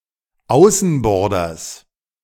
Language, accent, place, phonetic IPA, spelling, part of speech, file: German, Germany, Berlin, [ˈaʊ̯sn̩ˌbɔʁdɐs], Außenborders, noun, De-Außenborders.ogg
- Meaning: genitive singular of Außenborder